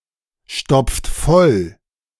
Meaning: inflection of vollstopfen: 1. second-person plural present 2. third-person singular present 3. plural imperative
- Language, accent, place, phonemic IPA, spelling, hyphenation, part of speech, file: German, Germany, Berlin, /ˌʃtɔpft ˈfɔl/, stopft voll, stopft voll, verb, De-stopft voll.ogg